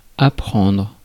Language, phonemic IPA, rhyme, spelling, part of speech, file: French, /a.pʁɑ̃dʁ/, -ɑ̃dʁ, apprendre, verb, Fr-apprendre.ogg
- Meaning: 1. to learn 2. to teach